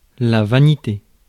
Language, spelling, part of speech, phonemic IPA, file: French, vanité, noun, /va.ni.te/, Fr-vanité.ogg
- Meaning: 1. futility, pointlessness 2. vanity (excessive pride) 3. vanitas